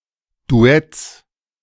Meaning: genitive singular of Duett
- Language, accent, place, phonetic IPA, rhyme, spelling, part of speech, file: German, Germany, Berlin, [duˈɛt͡s], -ɛt͡s, Duetts, noun, De-Duetts.ogg